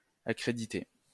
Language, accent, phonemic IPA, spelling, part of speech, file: French, France, /a.kʁe.di.te/, accrédité, verb / adjective, LL-Q150 (fra)-accrédité.wav
- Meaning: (verb) past participle of accréditer; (adjective) authorised, accredited, credentialed